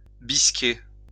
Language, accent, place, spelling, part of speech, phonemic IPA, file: French, France, Lyon, bisquer, verb, /bis.ke/, LL-Q150 (fra)-bisquer.wav
- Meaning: to be scornful; to be moody